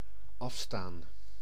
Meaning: 1. to relinquish, to give up 2. to cede
- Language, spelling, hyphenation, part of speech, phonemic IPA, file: Dutch, afstaan, af‧staan, verb, /ˈɑfstaːn/, Nl-afstaan.ogg